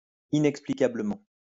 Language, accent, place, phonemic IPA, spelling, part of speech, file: French, France, Lyon, /i.nɛk.spli.ka.blə.mɑ̃/, inexplicablement, adverb, LL-Q150 (fra)-inexplicablement.wav
- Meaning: inexplicably